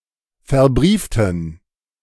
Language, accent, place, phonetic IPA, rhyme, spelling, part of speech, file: German, Germany, Berlin, [fɛɐ̯ˈbʁiːftn̩], -iːftn̩, verbrieften, adjective / verb, De-verbrieften.ogg
- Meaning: inflection of verbrieft: 1. strong genitive masculine/neuter singular 2. weak/mixed genitive/dative all-gender singular 3. strong/weak/mixed accusative masculine singular 4. strong dative plural